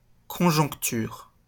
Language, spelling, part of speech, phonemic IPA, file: French, conjoncture, noun, /kɔ̃.ʒɔ̃k.tyʁ/, LL-Q150 (fra)-conjoncture.wav
- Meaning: circumstances, situation